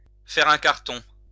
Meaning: to be a hit, to be a huge success
- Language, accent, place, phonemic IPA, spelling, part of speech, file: French, France, Lyon, /fɛ.ʁ‿œ̃ kaʁ.tɔ̃/, faire un carton, verb, LL-Q150 (fra)-faire un carton.wav